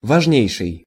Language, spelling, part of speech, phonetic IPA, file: Russian, важнейший, adjective, [vɐʐˈnʲejʂɨj], Ru-важнейший.ogg
- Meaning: superlative degree of ва́жный (vážnyj): the most important; very important; major, paramount, chief, key